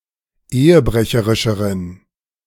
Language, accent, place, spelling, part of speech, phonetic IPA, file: German, Germany, Berlin, ehebrecherischeren, adjective, [ˈeːəˌbʁɛçəʁɪʃəʁən], De-ehebrecherischeren.ogg
- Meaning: inflection of ehebrecherisch: 1. strong genitive masculine/neuter singular comparative degree 2. weak/mixed genitive/dative all-gender singular comparative degree